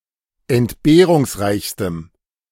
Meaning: strong dative masculine/neuter singular superlative degree of entbehrungsreich
- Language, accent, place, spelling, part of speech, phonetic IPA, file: German, Germany, Berlin, entbehrungsreichstem, adjective, [ɛntˈbeːʁʊŋsˌʁaɪ̯çstəm], De-entbehrungsreichstem.ogg